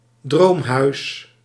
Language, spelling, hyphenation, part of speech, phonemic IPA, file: Dutch, droomhuis, droom‧huis, noun, /ˈdroːm.ɦœy̯s/, Nl-droomhuis.ogg
- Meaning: dream house (ideal house)